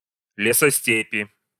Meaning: inflection of лесосте́пь (lesostépʹ): 1. genitive/dative/prepositional singular 2. nominative/accusative plural
- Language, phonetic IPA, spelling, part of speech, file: Russian, [ˌlʲesɐˈsʲtʲepʲɪ], лесостепи, noun, Ru-лесосте́пи.ogg